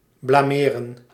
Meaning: 1. to slander, to calumniate 2. to disgrace, to humiliate
- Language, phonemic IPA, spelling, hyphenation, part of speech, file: Dutch, /ˌblaːˈmeː.rə(n)/, blameren, bla‧me‧ren, verb, Nl-blameren.ogg